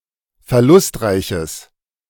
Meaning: strong/mixed nominative/accusative neuter singular of verlustreich
- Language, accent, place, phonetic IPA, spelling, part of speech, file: German, Germany, Berlin, [fɛɐ̯ˈlʊstˌʁaɪ̯çəs], verlustreiches, adjective, De-verlustreiches.ogg